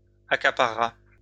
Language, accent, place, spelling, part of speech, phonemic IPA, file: French, France, Lyon, accaparera, verb, /a.ka.pa.ʁə.ʁa/, LL-Q150 (fra)-accaparera.wav
- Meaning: third-person singular simple future of accaparer